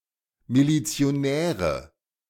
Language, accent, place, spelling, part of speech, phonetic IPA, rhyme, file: German, Germany, Berlin, Milizionäre, noun, [milit͡si̯oˈnɛːʁə], -ɛːʁə, De-Milizionäre.ogg
- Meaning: nominative/accusative/genitive plural of Milizionär